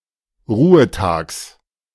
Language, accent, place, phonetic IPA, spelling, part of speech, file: German, Germany, Berlin, [ˈʁuːəˌtaːks], Ruhetags, noun, De-Ruhetags.ogg
- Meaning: genitive singular of Ruhetag